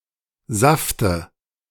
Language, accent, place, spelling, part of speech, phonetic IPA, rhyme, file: German, Germany, Berlin, Safte, noun, [ˈzaftə], -aftə, De-Safte.ogg
- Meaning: dative singular of Saft